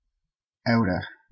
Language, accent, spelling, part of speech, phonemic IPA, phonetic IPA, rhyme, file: English, Canada, outta, preposition, /ˈaʊtə/, [ˈʌʊɾə], -aʊtə, En-ca-outta.ogg
- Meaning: Out of